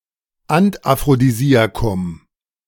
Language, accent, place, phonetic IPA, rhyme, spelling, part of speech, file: German, Germany, Berlin, [antʔafʁodiˈziːakʊm], -iːakʊm, Antaphrodisiakum, noun, De-Antaphrodisiakum.ogg
- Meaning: antaphrodisiac